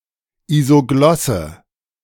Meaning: isogloss (line indicating geographical boundaries of a linguistic feature)
- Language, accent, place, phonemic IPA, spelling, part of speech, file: German, Germany, Berlin, /ˌizoˈɡlɔsə/, Isoglosse, noun, De-Isoglosse.ogg